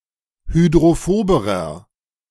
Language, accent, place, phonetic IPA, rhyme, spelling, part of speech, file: German, Germany, Berlin, [hydʁoˈfoːbəʁɐ], -oːbəʁɐ, hydrophoberer, adjective, De-hydrophoberer.ogg
- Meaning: inflection of hydrophob: 1. strong/mixed nominative masculine singular comparative degree 2. strong genitive/dative feminine singular comparative degree 3. strong genitive plural comparative degree